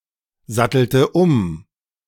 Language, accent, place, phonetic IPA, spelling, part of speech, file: German, Germany, Berlin, [ˌzatl̩tə ˈʊm], sattelte um, verb, De-sattelte um.ogg
- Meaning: inflection of umsatteln: 1. first/third-person singular preterite 2. first/third-person singular subjunctive II